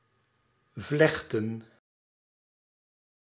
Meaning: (verb) to braid; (noun) plural of vlecht
- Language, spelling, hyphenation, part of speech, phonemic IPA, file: Dutch, vlechten, vlech‧ten, verb / noun, /ˈvlɛx.tə(n)/, Nl-vlechten.ogg